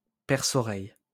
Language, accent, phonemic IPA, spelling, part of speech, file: French, France, /pɛʁ.sɔ.ʁɛj/, perce-oreille, noun, LL-Q150 (fra)-perce-oreille.wav
- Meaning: earwig (insect)